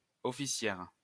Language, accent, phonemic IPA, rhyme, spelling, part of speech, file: French, France, /ɔ.fi.sjɛʁ/, -ɛʁ, officière, noun, LL-Q150 (fra)-officière.wav
- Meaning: female equivalent of officier: female officer